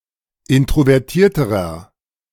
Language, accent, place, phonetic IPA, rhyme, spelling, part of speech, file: German, Germany, Berlin, [ˌɪntʁovɛʁˈtiːɐ̯təʁɐ], -iːɐ̯təʁɐ, introvertierterer, adjective, De-introvertierterer.ogg
- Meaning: inflection of introvertiert: 1. strong/mixed nominative masculine singular comparative degree 2. strong genitive/dative feminine singular comparative degree